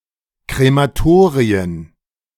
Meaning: plural of Krematorium
- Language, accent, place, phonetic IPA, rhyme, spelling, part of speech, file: German, Germany, Berlin, [kʁemaˈtoːʁiən], -oːʁiən, Krematorien, noun, De-Krematorien.ogg